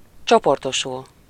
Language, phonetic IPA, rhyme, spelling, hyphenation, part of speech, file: Hungarian, [ˈt͡ʃoportoʃul], -ul, csoportosul, cso‧por‧to‧sul, verb, Hu-csoportosul.ogg
- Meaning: to group (to come together to form a group), gather, assemble